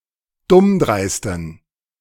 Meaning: inflection of dummdreist: 1. strong genitive masculine/neuter singular 2. weak/mixed genitive/dative all-gender singular 3. strong/weak/mixed accusative masculine singular 4. strong dative plural
- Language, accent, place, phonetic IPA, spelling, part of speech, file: German, Germany, Berlin, [ˈdʊmˌdʁaɪ̯stn̩], dummdreisten, adjective, De-dummdreisten.ogg